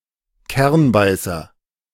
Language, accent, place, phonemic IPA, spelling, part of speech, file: German, Germany, Berlin, /ˈkɛʁnˌbaɪ̯sɐ/, Kernbeißer, noun, De-Kernbeißer.ogg
- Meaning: hawfinch